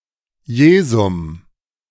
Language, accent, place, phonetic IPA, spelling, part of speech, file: German, Germany, Berlin, [ˈjeːzʊm], Jesum, noun, De-Jesum.ogg
- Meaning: accusative singular of Jesus